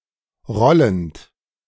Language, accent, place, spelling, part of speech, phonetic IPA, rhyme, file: German, Germany, Berlin, rollend, verb, [ˈʁɔlənt], -ɔlənt, De-rollend.ogg
- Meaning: present participle of rollen